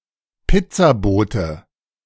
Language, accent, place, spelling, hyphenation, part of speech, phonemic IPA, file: German, Germany, Berlin, Pizzabote, Piz‧za‧bo‧te, noun, /ˈpɪt͡saˌboːtə/, De-Pizzabote.ogg
- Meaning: pizza deliverer, pizzaman (male or of unspecified sex)